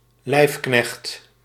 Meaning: attendant, personal servant; especially a lackey or butler
- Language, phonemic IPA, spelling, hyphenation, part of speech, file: Dutch, /ˈlɛi̯f.knɛxt/, lijfknecht, lijf‧knecht, noun, Nl-lijfknecht.ogg